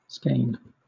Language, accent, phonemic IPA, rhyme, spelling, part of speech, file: English, Southern England, /skeɪn/, -eɪn, skein, noun / verb, LL-Q1860 (eng)-skein.wav